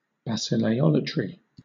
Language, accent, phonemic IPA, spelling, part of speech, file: English, Southern England, /basɪleɪˈɒlətɹi/, basileiolatry, noun, LL-Q1860 (eng)-basileiolatry.wav
- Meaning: Worship of the king